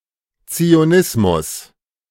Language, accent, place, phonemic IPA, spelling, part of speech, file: German, Germany, Berlin, /t͡si̯oˈnɪsmʊs/, Zionismus, noun, De-Zionismus.ogg
- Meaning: Zionism